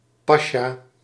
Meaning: pasha
- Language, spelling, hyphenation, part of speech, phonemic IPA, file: Dutch, pasja, pa‧sja, noun, /ˈpaː.ʃaː/, Nl-pasja.ogg